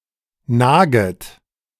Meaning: second-person plural subjunctive I of nagen
- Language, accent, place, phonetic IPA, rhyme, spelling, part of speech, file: German, Germany, Berlin, [ˈnaːɡət], -aːɡət, naget, verb, De-naget.ogg